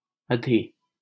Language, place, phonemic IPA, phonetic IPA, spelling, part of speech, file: Hindi, Delhi, /ə.d̪ʱiː/, [ɐ.d̪ʱiː], अधि-, prefix, LL-Q1568 (hin)-अधि-.wav
- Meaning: 1. over, above, super- 2. highest, best 3. additional, extra, surplus 4. main, primary, chief 5. official